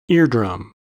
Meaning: A thin membrane that separates the outer ear from the middle ear and transmits sound from the air to the malleus
- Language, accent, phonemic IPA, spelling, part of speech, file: English, US, /ˈiɚˌdɹʌm/, eardrum, noun, En-us-eardrum.ogg